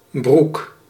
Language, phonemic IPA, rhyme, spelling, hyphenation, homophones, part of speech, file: Dutch, /bruk/, -uk, broek, broek, Broek, noun, Nl-broek.ogg
- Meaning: 1. a pair of trousers, pair of pants 2. a pair of underpants or pants (underwear), bottom part of underwear or swimwear (especially for women) 3. a marsh, wetland